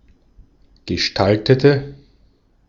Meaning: inflection of gestaltet: 1. strong/mixed nominative/accusative feminine singular 2. strong nominative/accusative plural 3. weak nominative all-gender singular
- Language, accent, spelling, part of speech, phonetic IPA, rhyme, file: German, Austria, gestaltete, adjective / verb, [ɡəˈʃtaltətə], -altətə, De-at-gestaltete.ogg